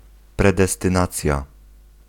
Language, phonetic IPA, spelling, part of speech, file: Polish, [ˌprɛdɛstɨ̃ˈnat͡sʲja], predestynacja, noun, Pl-predestynacja.ogg